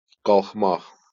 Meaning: 1. to stand up, get up 2. to go up, to move vertically 3. to ascend 4. to get well, recover (from illness) 5. to rise, increase 6. to rise, to rebel, take up arms 7. to take off
- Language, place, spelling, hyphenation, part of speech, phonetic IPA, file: Azerbaijani, Baku, qalxmaq, qalx‧maq, verb, [ɡɑɫχˈmɑχ], LL-Q9292 (aze)-qalxmaq.wav